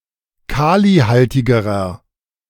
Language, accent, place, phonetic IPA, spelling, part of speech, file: German, Germany, Berlin, [ˈkaːliˌhaltɪɡəʁɐ], kalihaltigerer, adjective, De-kalihaltigerer.ogg
- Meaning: inflection of kalihaltig: 1. strong/mixed nominative masculine singular comparative degree 2. strong genitive/dative feminine singular comparative degree 3. strong genitive plural comparative degree